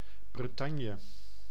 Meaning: 1. Brittany (a cultural region, historical province, and peninsula in northwest France) 2. Brittany (an administrative region of northwest France, including most of the historic region of Brittany)
- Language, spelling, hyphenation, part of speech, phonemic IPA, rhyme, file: Dutch, Bretagne, Bre‧tag‧ne, proper noun, /brəˈtɑn.jə/, -ɑnjə, Nl-Bretagne.ogg